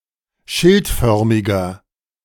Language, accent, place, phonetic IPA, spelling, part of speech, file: German, Germany, Berlin, [ˈʃɪltˌfœʁmɪɡɐ], schildförmiger, adjective, De-schildförmiger.ogg
- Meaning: inflection of schildförmig: 1. strong/mixed nominative masculine singular 2. strong genitive/dative feminine singular 3. strong genitive plural